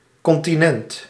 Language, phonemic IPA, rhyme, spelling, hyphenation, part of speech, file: Dutch, /ˌkɔn.tiˈnɛnt/, -ɛnt, continent, con‧ti‧nent, noun / adjective, Nl-continent.ogg
- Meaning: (noun) continent (landmass); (adjective) 1. continent 2. continent, morally restrained